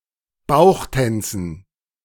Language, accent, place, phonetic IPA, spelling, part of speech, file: German, Germany, Berlin, [ˈbaʊ̯xˌtɛnt͡sn̩], Bauchtänzen, noun, De-Bauchtänzen.ogg
- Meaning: dative plural of Bauchtanz